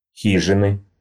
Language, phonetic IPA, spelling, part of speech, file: Russian, [ˈxʲiʐɨnɨ], хижины, noun, Ru-хижины.ogg
- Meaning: inflection of хи́жина (xížina): 1. genitive singular 2. nominative/accusative plural